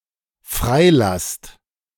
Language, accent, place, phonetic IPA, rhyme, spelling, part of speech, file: German, Germany, Berlin, [ˈfʁaɪ̯ˌlast], -aɪ̯last, freilasst, verb, De-freilasst.ogg
- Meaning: second-person plural dependent present of freilassen